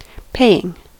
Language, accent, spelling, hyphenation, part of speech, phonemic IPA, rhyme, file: English, US, paying, pay‧ing, verb / noun, /ˈpeɪ.ɪŋ/, -eɪɪŋ, En-us-paying.ogg
- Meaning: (verb) present participle and gerund of pay; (noun) payment